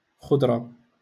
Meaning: vegetables
- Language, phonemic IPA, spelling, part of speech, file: Moroccan Arabic, /xudˤ.ra/, خضرة, noun, LL-Q56426 (ary)-خضرة.wav